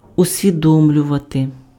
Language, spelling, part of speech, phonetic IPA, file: Ukrainian, усвідомлювати, verb, [ʊsʲʋʲiˈdɔmlʲʊʋɐte], Uk-усвідомлювати.ogg
- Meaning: to realize (become aware of)